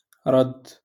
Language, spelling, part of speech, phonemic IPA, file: Moroccan Arabic, رد, verb, /radː/, LL-Q56426 (ary)-رد.wav
- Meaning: 1. to reply, to answer, to respond 2. to give back 3. to vomit